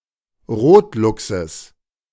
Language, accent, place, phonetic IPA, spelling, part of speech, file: German, Germany, Berlin, [ˈʁoːtˌlʊksəs], Rotluchses, noun, De-Rotluchses.ogg
- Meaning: genitive singular of Rotluchs